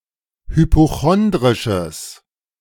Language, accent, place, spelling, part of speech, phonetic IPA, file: German, Germany, Berlin, hypochondrisches, adjective, [hypoˈxɔndʁɪʃəs], De-hypochondrisches.ogg
- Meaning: strong/mixed nominative/accusative neuter singular of hypochondrisch